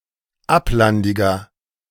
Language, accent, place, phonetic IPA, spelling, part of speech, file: German, Germany, Berlin, [ˈaplandɪɡɐ], ablandiger, adjective, De-ablandiger.ogg
- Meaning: inflection of ablandig: 1. strong/mixed nominative masculine singular 2. strong genitive/dative feminine singular 3. strong genitive plural